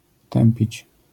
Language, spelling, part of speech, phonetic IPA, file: Polish, tępić, verb, [ˈtɛ̃mpʲit͡ɕ], LL-Q809 (pol)-tępić.wav